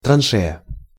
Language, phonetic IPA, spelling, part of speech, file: Russian, [trɐnˈʂɛjə], траншея, noun, Ru-траншея.ogg
- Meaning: trench, ditch, dyke, fosse